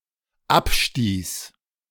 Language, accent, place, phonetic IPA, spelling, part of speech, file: German, Germany, Berlin, [ˈapˌʃtiːs], abstieß, verb, De-abstieß.ogg
- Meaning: first/third-person singular dependent preterite of abstoßen